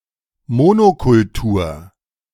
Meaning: 1. monoculture (cultivation of a single crop at a time) 2. monoculture (culture or society that lacks diversity)
- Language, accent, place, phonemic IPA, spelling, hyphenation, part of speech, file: German, Germany, Berlin, /ˈmo(ː)nokʊlˌtuːɐ̯/, Monokultur, Mo‧no‧kul‧tur, noun, De-Monokultur.ogg